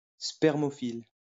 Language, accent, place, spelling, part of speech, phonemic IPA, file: French, France, Lyon, spermophile, noun, /spɛʁ.mɔ.fil/, LL-Q150 (fra)-spermophile.wav
- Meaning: spermophile